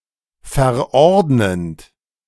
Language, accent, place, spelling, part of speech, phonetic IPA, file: German, Germany, Berlin, verordnend, verb, [fɛɐ̯ˈʔɔʁdnənt], De-verordnend.ogg
- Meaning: present participle of verordnen